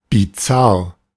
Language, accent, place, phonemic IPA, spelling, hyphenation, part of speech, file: German, Germany, Berlin, /biˈtsar/, bizarr, bi‧zarr, adjective, De-bizarr.ogg
- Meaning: bizarre